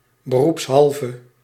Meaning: in one's professional capacity, while doing one's job; professionally
- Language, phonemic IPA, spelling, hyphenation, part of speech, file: Dutch, /bəˌrupsˈɦɑl.və/, beroepshalve, be‧roeps‧hal‧ve, adverb, Nl-beroepshalve.ogg